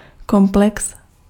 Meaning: complex
- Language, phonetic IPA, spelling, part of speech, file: Czech, [ˈkomplɛks], komplex, noun, Cs-komplex.ogg